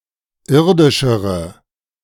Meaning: inflection of irdisch: 1. strong/mixed nominative/accusative feminine singular comparative degree 2. strong nominative/accusative plural comparative degree
- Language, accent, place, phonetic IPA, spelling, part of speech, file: German, Germany, Berlin, [ˈɪʁdɪʃəʁə], irdischere, adjective, De-irdischere.ogg